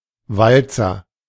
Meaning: waltz
- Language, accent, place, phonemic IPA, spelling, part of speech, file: German, Germany, Berlin, /ˈvaltsɐ/, Walzer, noun, De-Walzer.ogg